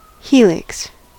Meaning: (noun) A curve on the surface of a cylinder or cone such that its angle to a plane perpendicular to the axis is constant; the three-dimensional curve seen in a screw or a spiral staircase
- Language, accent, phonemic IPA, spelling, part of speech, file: English, US, /ˈhiːlɪks/, helix, noun / verb, En-us-helix.ogg